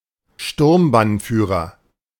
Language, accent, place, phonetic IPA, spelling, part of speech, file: German, Germany, Berlin, [ˈʃtʊʁmbanˌfyːʁɐ], Sturmbannführer, noun, De-Sturmbannführer.ogg
- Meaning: military rank of the Nazi SA, SS and NSFK, corresponding to major; next in rank to Obersturmbannführer, rank below is Sturmhauptführer in the SA and Hauptsturmführer in the SS and the NSFK